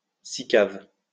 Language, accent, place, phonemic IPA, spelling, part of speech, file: French, France, Lyon, /si.kav/, sicav, noun, LL-Q150 (fra)-sicav.wav
- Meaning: 1. sort of French investment company 2. a share of such a company